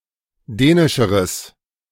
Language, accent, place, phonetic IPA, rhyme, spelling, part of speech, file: German, Germany, Berlin, [ˈdɛːnɪʃəʁəs], -ɛːnɪʃəʁəs, dänischeres, adjective, De-dänischeres.ogg
- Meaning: strong/mixed nominative/accusative neuter singular comparative degree of dänisch